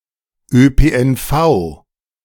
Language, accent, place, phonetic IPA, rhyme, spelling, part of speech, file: German, Germany, Berlin, [øːpeːʔɛnˈfaʊ̯], -aʊ̯, ÖPNV, abbreviation, De-ÖPNV.ogg
- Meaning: initialism of öffentlicher Personennahverkehr